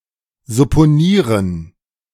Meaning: to suppose
- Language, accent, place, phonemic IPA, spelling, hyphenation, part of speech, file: German, Germany, Berlin, /zʊpoˈniːʁən/, supponieren, sup‧po‧nie‧ren, verb, De-supponieren.ogg